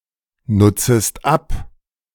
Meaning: second-person singular subjunctive I of abnutzen
- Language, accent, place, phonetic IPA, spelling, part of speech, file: German, Germany, Berlin, [ˌnʊt͡səst ˈap], nutzest ab, verb, De-nutzest ab.ogg